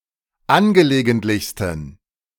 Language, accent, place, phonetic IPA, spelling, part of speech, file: German, Germany, Berlin, [ˈanɡəleːɡəntlɪçstn̩], angelegentlichsten, adjective, De-angelegentlichsten.ogg
- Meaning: 1. superlative degree of angelegentlich 2. inflection of angelegentlich: strong genitive masculine/neuter singular superlative degree